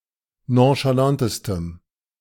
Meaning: strong dative masculine/neuter singular superlative degree of nonchalant
- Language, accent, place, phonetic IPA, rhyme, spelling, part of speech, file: German, Germany, Berlin, [ˌnõʃaˈlantəstəm], -antəstəm, nonchalantestem, adjective, De-nonchalantestem.ogg